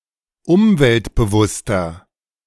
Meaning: 1. comparative degree of umweltbewusst 2. inflection of umweltbewusst: strong/mixed nominative masculine singular 3. inflection of umweltbewusst: strong genitive/dative feminine singular
- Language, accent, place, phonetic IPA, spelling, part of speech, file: German, Germany, Berlin, [ˈʊmvɛltbəˌvʊstɐ], umweltbewusster, adjective, De-umweltbewusster.ogg